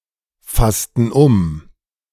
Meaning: inflection of umfassen: 1. first/third-person plural preterite 2. first/third-person plural subjunctive II
- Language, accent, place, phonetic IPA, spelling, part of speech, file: German, Germany, Berlin, [ˌfastn̩ ˈʊm], fassten um, verb, De-fassten um.ogg